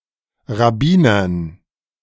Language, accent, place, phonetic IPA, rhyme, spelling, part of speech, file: German, Germany, Berlin, [ʁaˈbiːnɐn], -iːnɐn, Rabbinern, noun, De-Rabbinern.ogg
- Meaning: dative plural of Rabbiner